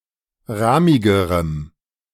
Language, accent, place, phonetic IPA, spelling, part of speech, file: German, Germany, Berlin, [ˈʁaːmɪɡəʁəm], rahmigerem, adjective, De-rahmigerem.ogg
- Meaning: strong dative masculine/neuter singular comparative degree of rahmig